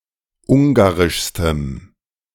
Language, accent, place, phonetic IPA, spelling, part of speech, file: German, Germany, Berlin, [ˈʊŋɡaʁɪʃstəm], ungarischstem, adjective, De-ungarischstem.ogg
- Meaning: strong dative masculine/neuter singular superlative degree of ungarisch